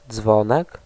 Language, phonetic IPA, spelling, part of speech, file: Polish, [ˈd͡zvɔ̃nɛk], dzwonek, noun, Pl-dzwonek.ogg